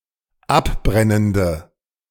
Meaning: inflection of abbrennend: 1. strong/mixed nominative/accusative feminine singular 2. strong nominative/accusative plural 3. weak nominative all-gender singular
- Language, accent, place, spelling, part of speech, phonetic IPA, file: German, Germany, Berlin, abbrennende, adjective, [ˈapˌbʁɛnəndə], De-abbrennende.ogg